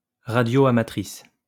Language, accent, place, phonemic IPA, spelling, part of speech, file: French, France, Lyon, /ʁa.djɔ.a.ma.tʁis/, radioamatrice, noun, LL-Q150 (fra)-radioamatrice.wav
- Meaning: female equivalent of radioamateur